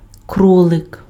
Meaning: rabbit (mammal)
- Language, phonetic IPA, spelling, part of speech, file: Ukrainian, [ˈkrɔɫek], кролик, noun, Uk-кролик.ogg